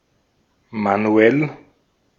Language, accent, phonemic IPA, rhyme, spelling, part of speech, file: German, Austria, /maˈnu̯ɛl/, -ɛl, manuell, adjective, De-at-manuell.ogg
- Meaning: manual (done or operated by hand)